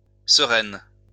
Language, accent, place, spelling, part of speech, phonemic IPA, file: French, France, Lyon, sereine, adjective, /sə.ʁɛn/, LL-Q150 (fra)-sereine.wav
- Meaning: feminine singular of serein